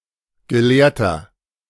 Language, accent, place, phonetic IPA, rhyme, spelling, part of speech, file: German, Germany, Berlin, [ɡəˈleːɐ̯tɐ], -eːɐ̯tɐ, gelehrter, adjective, De-gelehrter.ogg
- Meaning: 1. comparative degree of gelehrt 2. inflection of gelehrt: strong/mixed nominative masculine singular 3. inflection of gelehrt: strong genitive/dative feminine singular